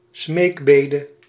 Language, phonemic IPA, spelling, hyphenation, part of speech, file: Dutch, /ˈsmeːkˌbeː.də/, smeekbede, smeek‧be‧de, noun, Nl-smeekbede.ogg
- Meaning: entreaty, supplication